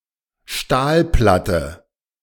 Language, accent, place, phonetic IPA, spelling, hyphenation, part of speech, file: German, Germany, Berlin, [ˈʃtaːlˌplatə], Stahlplatte, Stahl‧plat‧te, noun, De-Stahlplatte.ogg
- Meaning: steel plate